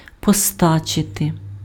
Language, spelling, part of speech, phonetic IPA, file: Ukrainian, постачити, verb, [pɔˈstat͡ʃete], Uk-постачити.ogg
- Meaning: to supply, to provide, to purvey, to furnish